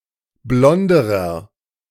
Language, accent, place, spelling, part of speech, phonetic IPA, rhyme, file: German, Germany, Berlin, blonderer, adjective, [ˈblɔndəʁɐ], -ɔndəʁɐ, De-blonderer.ogg
- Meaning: inflection of blond: 1. strong/mixed nominative masculine singular comparative degree 2. strong genitive/dative feminine singular comparative degree 3. strong genitive plural comparative degree